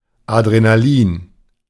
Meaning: adrenaline (epinephrine, the hormone and neurotransmitter)
- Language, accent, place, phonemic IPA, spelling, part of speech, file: German, Germany, Berlin, /adʁenaˈliːn/, Adrenalin, noun, De-Adrenalin.ogg